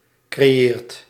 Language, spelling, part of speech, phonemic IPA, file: Dutch, creëert, verb, /kreˈjert/, Nl-creëert.ogg
- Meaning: inflection of creëren: 1. second/third-person singular present indicative 2. plural imperative